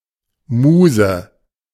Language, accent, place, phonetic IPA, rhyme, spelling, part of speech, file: German, Germany, Berlin, [ˈmuːzə], -uːzə, Muse, noun, De-Muse.ogg
- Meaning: 1. A Muse (deity) 2. A source of inspiration